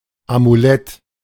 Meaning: amulet
- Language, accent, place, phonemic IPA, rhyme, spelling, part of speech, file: German, Germany, Berlin, /amuˈlɛt/, -ɛt, Amulett, noun, De-Amulett.ogg